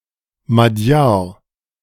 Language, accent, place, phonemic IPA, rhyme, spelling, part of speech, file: German, Germany, Berlin, /maˈdjaːɐ̯/, -aːɐ̯, Magyar, noun, De-Magyar.ogg
- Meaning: Magyar, Hungarian (male or of unspecified gender)